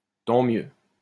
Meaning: It's a good thing; fortunately; used to express that a chance happening is favorable
- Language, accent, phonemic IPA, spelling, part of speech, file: French, France, /tɑ̃ mjø/, tant mieux, interjection, LL-Q150 (fra)-tant mieux.wav